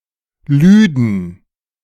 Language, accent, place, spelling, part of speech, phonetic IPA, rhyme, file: German, Germany, Berlin, lüden, verb, [ˈlyːdn̩], -yːdn̩, De-lüden.ogg
- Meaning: first/third-person plural subjunctive II of laden